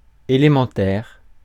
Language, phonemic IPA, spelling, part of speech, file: French, /e.le.mɑ̃.tɛʁ/, élémentaire, adjective, Fr-élémentaire.ogg
- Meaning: 1. element, elementary 2. elementary